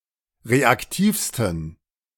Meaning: 1. superlative degree of reaktiv 2. inflection of reaktiv: strong genitive masculine/neuter singular superlative degree
- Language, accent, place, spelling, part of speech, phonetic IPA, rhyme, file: German, Germany, Berlin, reaktivsten, adjective, [ˌʁeakˈtiːfstn̩], -iːfstn̩, De-reaktivsten.ogg